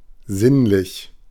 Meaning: 1. sensual, sensuous 2. sensory
- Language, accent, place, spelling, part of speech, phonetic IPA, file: German, Germany, Berlin, sinnlich, adjective, [ˈzɪnlɪç], De-sinnlich.ogg